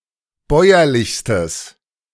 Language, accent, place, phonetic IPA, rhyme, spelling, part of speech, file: German, Germany, Berlin, [ˈbɔɪ̯ɐlɪçstəs], -ɔɪ̯ɐlɪçstəs, bäuerlichstes, adjective, De-bäuerlichstes.ogg
- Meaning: strong/mixed nominative/accusative neuter singular superlative degree of bäuerlich